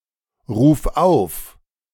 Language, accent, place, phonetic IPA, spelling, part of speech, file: German, Germany, Berlin, [ˌʁuːf ˈaʊ̯f], ruf auf, verb, De-ruf auf.ogg
- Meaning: singular imperative of aufrufen